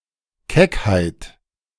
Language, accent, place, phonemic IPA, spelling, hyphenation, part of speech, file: German, Germany, Berlin, /ˈkɛkhaɪ̯t/, Keckheit, Keck‧heit, noun, De-Keckheit.ogg
- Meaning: cheekiness